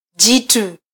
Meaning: augmentative of mtu: giant (massive humanoid)
- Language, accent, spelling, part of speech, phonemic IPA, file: Swahili, Kenya, jitu, noun, /ˈʄi.tu/, Sw-ke-jitu.flac